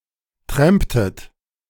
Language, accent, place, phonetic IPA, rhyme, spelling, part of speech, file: German, Germany, Berlin, [ˈtʁɛmptət], -ɛmptət, tramptet, verb, De-tramptet.ogg
- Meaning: inflection of trampen: 1. second-person plural preterite 2. second-person plural subjunctive II